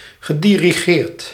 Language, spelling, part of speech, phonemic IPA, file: Dutch, gedirigeerd, verb, /ɣəˌdiriˈɣert/, Nl-gedirigeerd.ogg
- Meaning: past participle of dirigeren